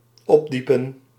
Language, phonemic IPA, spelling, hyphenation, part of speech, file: Dutch, /ˈɔpˌdi.pə(n)/, opdiepen, op‧die‧pen, verb, Nl-opdiepen.ogg
- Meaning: 1. to disclose, to bring to light 2. to raise, to bring up, to dig up (physically)